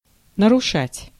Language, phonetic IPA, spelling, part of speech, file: Russian, [nərʊˈʂatʲ], нарушать, verb, Ru-нарушать.ogg
- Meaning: 1. to violate, to break 2. to upset, to disrupt